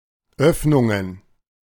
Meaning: plural of Öffnung "opening"
- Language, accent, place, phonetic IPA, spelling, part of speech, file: German, Germany, Berlin, [ˈœfnʊŋən], Öffnungen, noun, De-Öffnungen.ogg